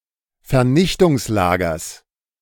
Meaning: genitive singular of Vernichtungslager
- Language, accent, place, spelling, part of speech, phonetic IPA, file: German, Germany, Berlin, Vernichtungslagers, noun, [fɛɐ̯ˈnɪçtʊŋsˌlaːɡɐs], De-Vernichtungslagers.ogg